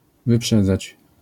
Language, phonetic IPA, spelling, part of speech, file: Polish, [vɨˈpʃɛd͡zat͡ɕ], wyprzedzać, verb, LL-Q809 (pol)-wyprzedzać.wav